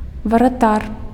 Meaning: goalkeeper
- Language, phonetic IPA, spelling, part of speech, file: Belarusian, [varaˈtar], варатар, noun, Be-варатар.ogg